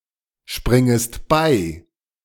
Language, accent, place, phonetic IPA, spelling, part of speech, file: German, Germany, Berlin, [ˌʃpʁɪŋəst ˈbaɪ̯], springest bei, verb, De-springest bei.ogg
- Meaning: second-person singular subjunctive I of beispringen